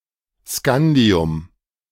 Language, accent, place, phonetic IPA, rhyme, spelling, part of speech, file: German, Germany, Berlin, [ˈskandi̯ʊm], -andi̯ʊm, Scandium, noun, De-Scandium.ogg
- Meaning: scandium (a metallic chemical element with an atomic number of 21)